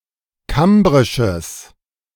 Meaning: strong/mixed nominative/accusative neuter singular of kambrisch
- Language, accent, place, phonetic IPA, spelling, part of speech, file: German, Germany, Berlin, [ˈkambʁɪʃəs], kambrisches, adjective, De-kambrisches.ogg